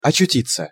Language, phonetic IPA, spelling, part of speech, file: Russian, [ɐt͡ɕʉˈtʲit͡sːə], очутиться, verb, Ru-очутиться.ogg
- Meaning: 1. to find oneself (suddenly) in a place 2. to be found (in a place)